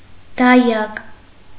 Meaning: 1. nanny, nurse 2. midwife 3. tutor
- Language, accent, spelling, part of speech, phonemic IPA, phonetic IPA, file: Armenian, Eastern Armenian, դայակ, noun, /dɑˈjɑk/, [dɑjɑ́k], Hy-դայակ.ogg